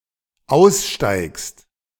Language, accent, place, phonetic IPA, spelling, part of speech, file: German, Germany, Berlin, [ˈaʊ̯sˌʃtaɪ̯kst], aussteigst, verb, De-aussteigst.ogg
- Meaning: second-person singular dependent present of aussteigen